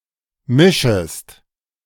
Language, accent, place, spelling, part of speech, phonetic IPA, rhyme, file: German, Germany, Berlin, mischest, verb, [ˈmɪʃəst], -ɪʃəst, De-mischest.ogg
- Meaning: second-person singular subjunctive I of mischen